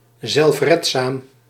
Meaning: self-reliant
- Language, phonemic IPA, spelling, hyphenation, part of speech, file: Dutch, /ˌzɛlfˈrɛt.saːm/, zelfredzaam, zelf‧red‧zaam, adjective, Nl-zelfredzaam.ogg